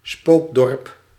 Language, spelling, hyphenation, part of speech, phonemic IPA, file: Dutch, spookdorp, spook‧dorp, noun, /ˈspoːk.dɔrp/, Nl-spookdorp.ogg
- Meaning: ghost village (desolate village)